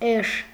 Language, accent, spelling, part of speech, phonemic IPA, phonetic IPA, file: Armenian, Eastern Armenian, էշ, noun, /eʃ/, [eʃ], Hy-էշ.ogg
- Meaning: 1. donkey, ass 2. ass, jackass; idiot, dumb-ass, fool, blockhead, clot, dimwit